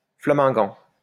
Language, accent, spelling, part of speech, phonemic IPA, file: French, France, flamingant, adjective / noun, /fla.mɛ̃.ɡɑ̃/, LL-Q150 (fra)-flamingant.wav
- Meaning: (adjective) Flemish-speaking; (noun) Flemish nationalist